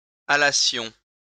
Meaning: first-person plural imperfect subjunctive of aller
- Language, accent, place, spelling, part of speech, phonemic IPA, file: French, France, Lyon, allassions, verb, /a.la.sjɔ̃/, LL-Q150 (fra)-allassions.wav